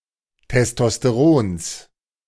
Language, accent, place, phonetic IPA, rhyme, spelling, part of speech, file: German, Germany, Berlin, [tɛstɔsteˈʁoːns], -oːns, Testosterons, noun, De-Testosterons.ogg
- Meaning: genitive singular of Testosteron